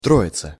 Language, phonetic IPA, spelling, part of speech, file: Russian, [ˈtroɪt͡sə], Троица, proper noun, Ru-Троица.ogg
- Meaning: 1. Trinity 2. Whitsunday